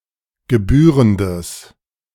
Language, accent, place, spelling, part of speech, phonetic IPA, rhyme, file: German, Germany, Berlin, gebührendes, adjective, [ɡəˈbyːʁəndəs], -yːʁəndəs, De-gebührendes.ogg
- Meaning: strong/mixed nominative/accusative neuter singular of gebührend